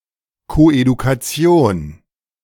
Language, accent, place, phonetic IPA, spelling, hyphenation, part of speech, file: German, Germany, Berlin, [koʔedukaˈt͡si̯oːn], Koedukation, Ko‧edu‧ka‧ti‧on, noun, De-Koedukation.ogg
- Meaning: coeducation